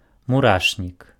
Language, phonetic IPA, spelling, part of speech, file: Belarusian, [muˈraʂnʲik], мурашнік, noun, Be-мурашнік.ogg
- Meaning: anthill